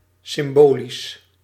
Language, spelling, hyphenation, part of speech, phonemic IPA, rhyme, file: Dutch, symbolisch, sym‧bo‧lisch, adjective / adverb, /sɪmˈboːlis/, -oːlis, Nl-symbolisch.ogg
- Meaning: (adjective) symbolic; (adverb) symbolically